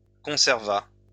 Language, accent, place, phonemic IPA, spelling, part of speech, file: French, France, Lyon, /kɔ̃.sɛʁ.va/, conserva, verb, LL-Q150 (fra)-conserva.wav
- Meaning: third-person singular past historic of conserver